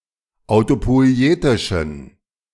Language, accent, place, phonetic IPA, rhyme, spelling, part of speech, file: German, Germany, Berlin, [aʊ̯topɔɪ̯ˈeːtɪʃn̩], -eːtɪʃn̩, autopoietischen, adjective, De-autopoietischen.ogg
- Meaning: inflection of autopoietisch: 1. strong genitive masculine/neuter singular 2. weak/mixed genitive/dative all-gender singular 3. strong/weak/mixed accusative masculine singular 4. strong dative plural